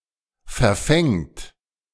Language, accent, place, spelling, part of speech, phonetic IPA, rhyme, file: German, Germany, Berlin, verfängt, verb, [fɛɐ̯ˈfɛŋt], -ɛŋt, De-verfängt.ogg
- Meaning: third-person singular present of verfangen